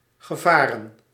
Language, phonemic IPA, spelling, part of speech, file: Dutch, /ɣəˈvarə(n)/, gevaren, verb / noun, Nl-gevaren.ogg
- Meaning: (noun) plural of gevaar; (verb) past participle of varen